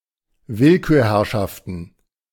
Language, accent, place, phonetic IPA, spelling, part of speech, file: German, Germany, Berlin, [ˈvɪlkyːɐ̯ˌhɛʁʃaftn̩], Willkürherrschaften, noun, De-Willkürherrschaften.ogg
- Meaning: plural of Willkürherrschaft